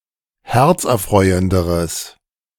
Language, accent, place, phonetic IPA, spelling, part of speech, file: German, Germany, Berlin, [ˈhɛʁt͡sʔɛɐ̯ˌfʁɔɪ̯əndəʁəs], herzerfreuenderes, adjective, De-herzerfreuenderes.ogg
- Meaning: strong/mixed nominative/accusative neuter singular comparative degree of herzerfreuend